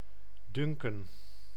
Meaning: 1. to think, to consider 2. to seem 3. to dunk
- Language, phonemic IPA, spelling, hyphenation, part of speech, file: Dutch, /ˈdʏŋkə(n)/, dunken, dun‧ken, verb, Nl-dunken.ogg